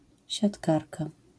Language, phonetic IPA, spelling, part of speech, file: Polish, [ɕatˈkarka], siatkarka, noun, LL-Q809 (pol)-siatkarka.wav